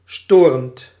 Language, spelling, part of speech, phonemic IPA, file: Dutch, storend, verb / adjective, /ˈstorənt/, Nl-storend.ogg
- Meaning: present participle of storen